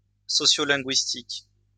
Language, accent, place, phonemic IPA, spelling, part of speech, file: French, France, Lyon, /sɔ.sjɔ.lɛ̃.ɡɥis.tik/, sociolinguistique, adjective / noun, LL-Q150 (fra)-sociolinguistique.wav
- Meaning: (adjective) sociolinguistic; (noun) sociolinguistics